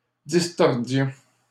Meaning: inflection of distordre: 1. first-person plural imperfect indicative 2. first-person plural present subjunctive
- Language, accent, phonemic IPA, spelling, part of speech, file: French, Canada, /dis.tɔʁ.djɔ̃/, distordions, verb, LL-Q150 (fra)-distordions.wav